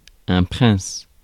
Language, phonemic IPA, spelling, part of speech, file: French, /pʁɛ̃s/, prince, noun, Fr-prince.ogg
- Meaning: prince